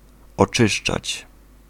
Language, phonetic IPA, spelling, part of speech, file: Polish, [ɔˈt͡ʃɨʃt͡ʃat͡ɕ], oczyszczać, verb, Pl-oczyszczać.ogg